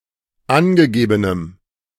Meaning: strong dative masculine/neuter singular of angegeben
- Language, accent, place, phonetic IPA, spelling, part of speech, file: German, Germany, Berlin, [ˈanɡəˌɡeːbənəm], angegebenem, adjective, De-angegebenem.ogg